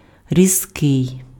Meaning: 1. sharp, keen 2. sharp, abrupt (offensive, critical, or acrimonious) 3. biting, piercing 4. harsh, shrill, glaring 5. acute, sharp, pungent
- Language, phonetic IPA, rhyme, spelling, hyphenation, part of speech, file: Ukrainian, [rʲizˈkɪi̯], -ɪi̯, різкий, різ‧кий, adjective, Uk-різкий.ogg